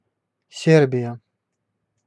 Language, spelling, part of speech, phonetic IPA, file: Russian, Сербия, proper noun, [ˈsʲerbʲɪjə], Ru-Сербия.ogg
- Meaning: Serbia (a country on the Balkan Peninsula in Southeastern Europe)